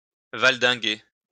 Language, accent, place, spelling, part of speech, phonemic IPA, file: French, France, Lyon, valdinguer, verb, /val.dɛ̃.ɡe/, LL-Q150 (fra)-valdinguer.wav
- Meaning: to fall